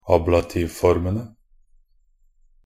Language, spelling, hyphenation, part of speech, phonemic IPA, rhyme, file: Norwegian Bokmål, ablativformene, ab‧la‧tiv‧for‧me‧ne, noun, /ˈɑːblatiːʋfɔrmənə/, -ənə, Nb-ablativformene.ogg
- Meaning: definite plural of ablativform